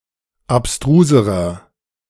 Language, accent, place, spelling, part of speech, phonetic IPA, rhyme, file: German, Germany, Berlin, abstruserer, adjective, [apˈstʁuːzəʁɐ], -uːzəʁɐ, De-abstruserer.ogg
- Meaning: inflection of abstrus: 1. strong/mixed nominative masculine singular comparative degree 2. strong genitive/dative feminine singular comparative degree 3. strong genitive plural comparative degree